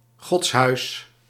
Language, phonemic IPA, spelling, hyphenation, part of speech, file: Dutch, /ˈɣɔts.ɦœy̯s/, godshuis, gods‧huis, noun, Nl-godshuis.ogg
- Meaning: 1. a house of worship (building for religious services) 2. a hospice, a charitable institution providing housing to the elderly, the infirm, etc